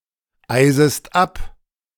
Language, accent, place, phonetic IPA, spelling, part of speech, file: German, Germany, Berlin, [ˌaɪ̯zəst ˈap], eisest ab, verb, De-eisest ab.ogg
- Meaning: second-person singular subjunctive I of abeisen